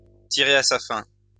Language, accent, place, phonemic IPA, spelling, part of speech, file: French, France, Lyon, /ti.ʁe a sa fɛ̃/, tirer à sa fin, verb, LL-Q150 (fra)-tirer à sa fin.wav
- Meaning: to draw to a close, to come to an end, to near the end, to near completion